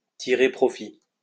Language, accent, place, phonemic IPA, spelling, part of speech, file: French, France, Lyon, /ti.ʁe pʁɔ.fi/, tirer profit, verb, LL-Q150 (fra)-tirer profit.wav
- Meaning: to take advantage of, to make the most of, to turn to good account